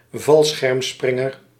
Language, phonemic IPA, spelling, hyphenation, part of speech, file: Dutch, /ˈvɑl.sxɛrmˌsprɪ.ŋər/, valschermspringer, val‧scherm‧sprin‧ger, noun, Nl-valschermspringer.ogg
- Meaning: a parajumper